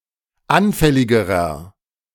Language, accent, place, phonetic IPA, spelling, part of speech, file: German, Germany, Berlin, [ˈanfɛlɪɡəʁɐ], anfälligerer, adjective, De-anfälligerer.ogg
- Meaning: inflection of anfällig: 1. strong/mixed nominative masculine singular comparative degree 2. strong genitive/dative feminine singular comparative degree 3. strong genitive plural comparative degree